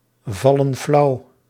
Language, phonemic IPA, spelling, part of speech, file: Dutch, /ˈvɑlə(n) ˈflɑu/, vallen flauw, verb, Nl-vallen flauw.ogg
- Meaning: inflection of flauwvallen: 1. plural present indicative 2. plural present subjunctive